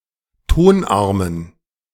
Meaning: dative plural of Tonarm
- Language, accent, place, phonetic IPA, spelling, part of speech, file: German, Germany, Berlin, [ˈtonˌʔaʁmən], Tonarmen, noun, De-Tonarmen.ogg